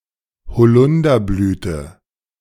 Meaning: second-person singular subjunctive I of bezeugen
- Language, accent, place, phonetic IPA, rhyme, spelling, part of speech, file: German, Germany, Berlin, [bəˈt͡sɔɪ̯ɡəst], -ɔɪ̯ɡəst, bezeugest, verb, De-bezeugest.ogg